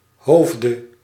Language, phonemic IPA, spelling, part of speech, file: Dutch, /ˈhovdə/, hoofde, noun / verb, Nl-hoofde.ogg
- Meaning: dative singular of hoofd